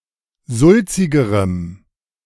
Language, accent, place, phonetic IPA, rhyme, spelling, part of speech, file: German, Germany, Berlin, [ˈzʊlt͡sɪɡəʁəm], -ʊlt͡sɪɡəʁəm, sulzigerem, adjective, De-sulzigerem.ogg
- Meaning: strong dative masculine/neuter singular comparative degree of sulzig